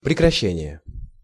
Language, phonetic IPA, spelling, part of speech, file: Russian, [prʲɪkrɐˈɕːenʲɪje], прекращение, noun, Ru-прекращение.ogg
- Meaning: cessation (a ceasing or discontinuance)